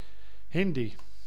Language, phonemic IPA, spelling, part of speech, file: Dutch, /ˈɦɪn.di/, Hindi, proper noun, Nl-Hindi.ogg
- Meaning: Hindi (language)